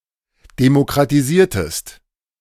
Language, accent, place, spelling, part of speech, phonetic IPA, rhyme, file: German, Germany, Berlin, demokratisiertest, verb, [demokʁatiˈziːɐ̯təst], -iːɐ̯təst, De-demokratisiertest.ogg
- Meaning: inflection of demokratisieren: 1. second-person singular preterite 2. second-person singular subjunctive II